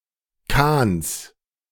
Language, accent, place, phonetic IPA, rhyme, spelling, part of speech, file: German, Germany, Berlin, [kaːns], -aːns, Kahns, noun, De-Kahns.ogg
- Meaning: genitive singular of Kahn